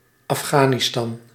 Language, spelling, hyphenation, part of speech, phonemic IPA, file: Dutch, Afghanistan, Af‧gha‧ni‧stan, proper noun, /ɑfˈxaːniˌstɑn/, Nl-Afghanistan.ogg
- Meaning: Afghanistan (a landlocked country between Central Asia and South Asia)